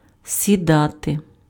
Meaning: 1. to sit down 2. to take, board (to get on a form of transport, such as a subway) 3. to land upon something (of insects, birds) 4. to set (of a heavenly body disappearing below the horizon)
- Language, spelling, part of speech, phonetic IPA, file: Ukrainian, сідати, verb, [sʲiˈdate], Uk-сідати.ogg